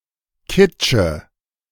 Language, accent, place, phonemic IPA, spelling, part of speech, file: German, Germany, Berlin, /ˈkɪtʃə/, Kitsche, noun, De-Kitsche.ogg
- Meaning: core of a fruit, e.g. an apple or a pear (left over after eating or cutting it)